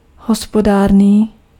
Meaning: economical, frugal, thrifty
- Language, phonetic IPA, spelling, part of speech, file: Czech, [ˈɦospodaːrniː], hospodárný, adjective, Cs-hospodárný.ogg